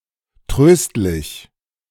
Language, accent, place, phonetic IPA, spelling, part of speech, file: German, Germany, Berlin, [ˈtʁøːstlɪç], tröstlich, adjective, De-tröstlich.ogg
- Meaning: comforting